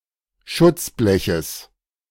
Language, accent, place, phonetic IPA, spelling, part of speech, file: German, Germany, Berlin, [ˈʃʊt͡sˌblɛçəs], Schutzbleches, noun, De-Schutzbleches.ogg
- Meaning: genitive singular of Schutzblech